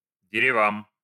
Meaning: dative plural of де́рево (dérevo)
- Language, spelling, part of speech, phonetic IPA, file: Russian, деревам, noun, [dʲɪrʲɪˈvam], Ru-дерева́м.ogg